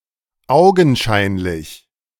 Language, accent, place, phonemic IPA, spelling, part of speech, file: German, Germany, Berlin, /ˈaʊ̯ɡn̩ˌʃaɪ̯nlɪç/, augenscheinlich, adjective / adverb, De-augenscheinlich.ogg
- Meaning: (adjective) apparent, evident; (adverb) apparently, evidently